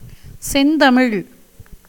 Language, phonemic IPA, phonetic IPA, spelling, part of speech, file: Tamil, /tʃɛnd̪ɐmɪɻ/, [se̞n̪d̪ɐmɪɻ], செந்தமிழ், proper noun, Ta-செந்தமிழ்.ogg
- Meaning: 1. the formal, high (H) variety of Tamil 2. an epithet of the Tamil language; pure Tamil, pleasant Tamil